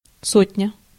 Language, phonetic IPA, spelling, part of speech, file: Russian, [ˈsotʲnʲə], сотня, noun, Ru-сотня.ogg
- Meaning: 1. a hundred 2. sotnia, company (Cossack military unit)